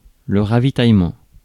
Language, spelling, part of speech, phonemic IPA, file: French, ravitaillement, noun, /ʁa.vi.taj.mɑ̃/, Fr-ravitaillement.ogg
- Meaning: supplies